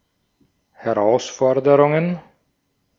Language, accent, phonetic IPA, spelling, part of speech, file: German, Austria, [hɛˈʁaʊ̯sˌfɔʁdəʁʊŋən], Herausforderungen, noun, De-at-Herausforderungen.ogg
- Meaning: plural of Herausforderung